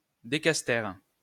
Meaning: decastere
- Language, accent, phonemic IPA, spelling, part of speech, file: French, France, /de.kas.tɛʁ/, décastère, noun, LL-Q150 (fra)-décastère.wav